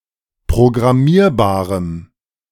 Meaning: strong dative masculine/neuter singular of programmierbar
- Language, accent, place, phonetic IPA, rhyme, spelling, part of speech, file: German, Germany, Berlin, [pʁoɡʁaˈmiːɐ̯baːʁəm], -iːɐ̯baːʁəm, programmierbarem, adjective, De-programmierbarem.ogg